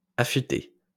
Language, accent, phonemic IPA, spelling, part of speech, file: French, France, /a.fy.te/, affûté, verb, LL-Q150 (fra)-affûté.wav
- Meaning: past participle of affûter